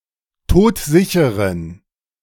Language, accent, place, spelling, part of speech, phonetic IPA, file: German, Germany, Berlin, todsicheren, adjective, [ˈtoːtˈzɪçəʁən], De-todsicheren.ogg
- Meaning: inflection of todsicher: 1. strong genitive masculine/neuter singular 2. weak/mixed genitive/dative all-gender singular 3. strong/weak/mixed accusative masculine singular 4. strong dative plural